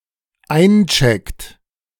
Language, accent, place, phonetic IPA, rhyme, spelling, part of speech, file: German, Germany, Berlin, [ˈaɪ̯nˌt͡ʃɛkt], -aɪ̯nt͡ʃɛkt, eincheckt, verb, De-eincheckt.ogg
- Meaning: inflection of einchecken: 1. third-person singular dependent present 2. second-person plural dependent present